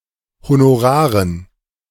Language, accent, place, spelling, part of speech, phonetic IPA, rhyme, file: German, Germany, Berlin, Honoraren, noun, [honoˈʁaːʁən], -aːʁən, De-Honoraren.ogg
- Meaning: dative plural of Honorar